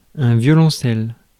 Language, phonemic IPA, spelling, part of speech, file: French, /vjɔ.lɔ̃.sɛl/, violoncelle, noun, Fr-violoncelle.ogg
- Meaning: violoncello, cello